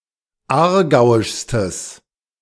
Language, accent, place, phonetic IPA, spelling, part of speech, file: German, Germany, Berlin, [ˈaːɐ̯ˌɡaʊ̯ɪʃstəs], aargauischstes, adjective, De-aargauischstes.ogg
- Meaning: strong/mixed nominative/accusative neuter singular superlative degree of aargauisch